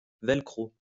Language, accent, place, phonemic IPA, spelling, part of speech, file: French, France, Lyon, /vɛl.kʁo/, velcro, noun, LL-Q150 (fra)-velcro.wav
- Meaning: Velcro